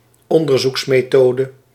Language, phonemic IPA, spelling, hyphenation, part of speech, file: Dutch, /ˈɔn.dər.zuks.meːˈtoː.də/, onderzoeksmethode, on‧der‧zoeks‧me‧tho‧de, noun, Nl-onderzoeksmethode.ogg
- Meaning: research method